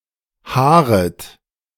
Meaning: second-person plural subjunctive I of haaren
- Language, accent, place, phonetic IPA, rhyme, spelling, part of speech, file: German, Germany, Berlin, [ˈhaːʁət], -aːʁət, haaret, verb, De-haaret.ogg